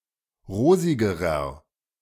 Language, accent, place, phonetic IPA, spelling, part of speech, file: German, Germany, Berlin, [ˈʁoːzɪɡəʁɐ], rosigerer, adjective, De-rosigerer.ogg
- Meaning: inflection of rosig: 1. strong/mixed nominative masculine singular comparative degree 2. strong genitive/dative feminine singular comparative degree 3. strong genitive plural comparative degree